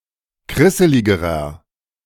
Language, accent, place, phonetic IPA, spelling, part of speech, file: German, Germany, Berlin, [ˈkʁɪsəlɪɡəʁɐ], krisseligerer, adjective, De-krisseligerer.ogg
- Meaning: inflection of krisselig: 1. strong/mixed nominative masculine singular comparative degree 2. strong genitive/dative feminine singular comparative degree 3. strong genitive plural comparative degree